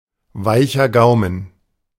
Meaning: soft palate
- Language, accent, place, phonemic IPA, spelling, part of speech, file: German, Germany, Berlin, /ˈvaɪ̯çɐ ˈɡaʊ̯mən/, weicher Gaumen, noun, De-weicher Gaumen.ogg